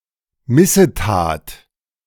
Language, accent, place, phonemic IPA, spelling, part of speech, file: German, Germany, Berlin, /ˈmɪsəˌtaːt/, Missetat, noun, De-Missetat.ogg
- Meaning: iniquity, misdeed (evil, sinful, dishonorable deed)